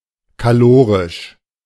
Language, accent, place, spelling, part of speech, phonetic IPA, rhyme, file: German, Germany, Berlin, kalorisch, adjective, [kaˈloːʁɪʃ], -oːʁɪʃ, De-kalorisch.ogg
- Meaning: caloric